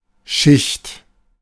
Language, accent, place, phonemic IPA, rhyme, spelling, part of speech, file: German, Germany, Berlin, /ʃɪçt/, -ɪçt, Schicht, noun, De-Schicht.ogg
- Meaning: 1. layer, stratum, seam 2. sheet, ply, coat (e.g. of paint) 3. class, stratum, group of people with a certain social status 4. shift (day's work period, the group of people who work a certain shift)